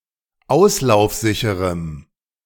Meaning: strong dative masculine/neuter singular of auslaufsicher
- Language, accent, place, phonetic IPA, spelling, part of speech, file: German, Germany, Berlin, [ˈaʊ̯slaʊ̯fˌzɪçəʁəm], auslaufsicherem, adjective, De-auslaufsicherem.ogg